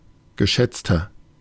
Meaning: 1. comparative degree of geschätzt 2. inflection of geschätzt: strong/mixed nominative masculine singular 3. inflection of geschätzt: strong genitive/dative feminine singular
- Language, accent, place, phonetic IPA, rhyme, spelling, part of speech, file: German, Germany, Berlin, [ɡəˈʃɛt͡stɐ], -ɛt͡stɐ, geschätzter, adjective, De-geschätzter.ogg